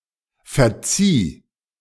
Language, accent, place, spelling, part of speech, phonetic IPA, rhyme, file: German, Germany, Berlin, verzieh, verb, [fɛɐ̯ˈt͡siː], -iː, De-verzieh.ogg
- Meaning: 1. first/third-person singular preterite of verzeihen 2. singular imperative of verziehen